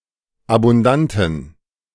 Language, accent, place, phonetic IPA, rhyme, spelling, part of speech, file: German, Germany, Berlin, [abʊnˈdantn̩], -antn̩, abundanten, adjective, De-abundanten.ogg
- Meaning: inflection of abundant: 1. strong genitive masculine/neuter singular 2. weak/mixed genitive/dative all-gender singular 3. strong/weak/mixed accusative masculine singular 4. strong dative plural